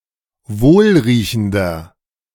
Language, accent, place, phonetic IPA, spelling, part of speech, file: German, Germany, Berlin, [ˈvoːlʁiːçn̩dɐ], wohlriechender, adjective, De-wohlriechender.ogg
- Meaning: 1. comparative degree of wohlriechend 2. inflection of wohlriechend: strong/mixed nominative masculine singular 3. inflection of wohlriechend: strong genitive/dative feminine singular